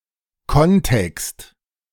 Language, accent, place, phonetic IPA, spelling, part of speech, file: German, Germany, Berlin, [ˈkɔnˌtɛkst], Kontext, noun, De-Kontext.ogg
- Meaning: context